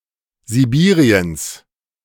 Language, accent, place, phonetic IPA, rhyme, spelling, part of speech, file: German, Germany, Berlin, [ziˈbiːʁiəns], -iːʁiəns, Sibiriens, noun, De-Sibiriens.ogg
- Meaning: genitive singular of Sibirien